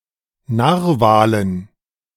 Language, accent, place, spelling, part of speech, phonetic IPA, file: German, Germany, Berlin, Narwalen, noun, [ˈnaːʁvaːlən], De-Narwalen.ogg
- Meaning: dative plural of Narwal